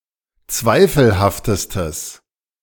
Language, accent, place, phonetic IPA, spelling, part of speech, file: German, Germany, Berlin, [ˈt͡svaɪ̯fl̩haftəstəs], zweifelhaftestes, adjective, De-zweifelhaftestes.ogg
- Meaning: strong/mixed nominative/accusative neuter singular superlative degree of zweifelhaft